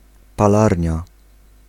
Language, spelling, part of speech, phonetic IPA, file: Polish, palarnia, noun, [paˈlarʲɲa], Pl-palarnia.ogg